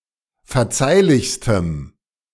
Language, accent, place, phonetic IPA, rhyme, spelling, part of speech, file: German, Germany, Berlin, [fɛɐ̯ˈt͡saɪ̯lɪçstəm], -aɪ̯lɪçstəm, verzeihlichstem, adjective, De-verzeihlichstem.ogg
- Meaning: strong dative masculine/neuter singular superlative degree of verzeihlich